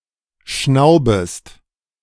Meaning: second-person singular subjunctive I of schnauben
- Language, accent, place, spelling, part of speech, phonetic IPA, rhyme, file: German, Germany, Berlin, schnaubest, verb, [ˈʃnaʊ̯bəst], -aʊ̯bəst, De-schnaubest.ogg